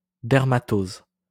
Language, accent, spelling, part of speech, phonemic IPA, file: French, France, dermatose, noun, /dɛʁ.ma.toz/, LL-Q150 (fra)-dermatose.wav
- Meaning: dermatosis